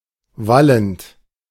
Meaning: present participle of wallen
- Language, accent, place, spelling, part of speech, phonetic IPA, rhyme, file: German, Germany, Berlin, wallend, verb, [ˈvalənt], -alənt, De-wallend.ogg